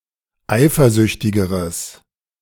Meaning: strong/mixed nominative/accusative neuter singular comparative degree of eifersüchtig
- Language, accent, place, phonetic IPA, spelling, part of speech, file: German, Germany, Berlin, [ˈaɪ̯fɐˌzʏçtɪɡəʁəs], eifersüchtigeres, adjective, De-eifersüchtigeres.ogg